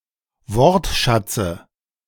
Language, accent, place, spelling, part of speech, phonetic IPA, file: German, Germany, Berlin, Wortschatze, noun, [ˈvɔʁtˌʃat͡sə], De-Wortschatze.ogg
- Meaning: dative of Wortschatz